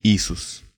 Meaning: 1. Jesus 2. Joshua
- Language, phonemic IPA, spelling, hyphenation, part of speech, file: Serbo-Croatian, /ǐsus/, Isus, I‧sus, proper noun, Sh-Isus.ogg